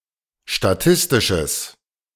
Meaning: strong/mixed nominative/accusative neuter singular of statistisch
- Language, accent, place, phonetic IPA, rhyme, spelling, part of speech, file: German, Germany, Berlin, [ʃtaˈtɪstɪʃəs], -ɪstɪʃəs, statistisches, adjective, De-statistisches.ogg